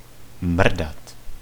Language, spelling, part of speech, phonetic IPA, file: Czech, mrdat, verb, [ˈmr̩dat], Cs-mrdat.ogg
- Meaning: 1. to fuck (have sexual intercourse) 2. to move quickly, shake 3. to insult, to hit 4. to puff, to disregard